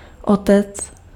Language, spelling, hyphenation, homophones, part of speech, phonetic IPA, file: Czech, otec, otec, Otec, noun, [ˈotɛt͡s], Cs-otec.ogg
- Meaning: father